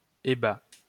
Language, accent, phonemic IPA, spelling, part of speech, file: French, France, /e.ba/, ébat, noun / verb, LL-Q150 (fra)-ébat.wav
- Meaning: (noun) frolic; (verb) third-person singular present indicative of ébattre